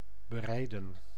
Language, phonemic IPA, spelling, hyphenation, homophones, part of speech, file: Dutch, /bəˈrɛi̯də(n)/, berijden, be‧rij‧den, bereiden, verb, Nl-berijden.ogg
- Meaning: 1. to ride (a horse or other animal) 2. to drive/travel over (a road)